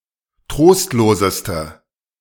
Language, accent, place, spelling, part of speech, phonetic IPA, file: German, Germany, Berlin, trostloseste, adjective, [ˈtʁoːstloːzəstə], De-trostloseste.ogg
- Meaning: inflection of trostlos: 1. strong/mixed nominative/accusative feminine singular superlative degree 2. strong nominative/accusative plural superlative degree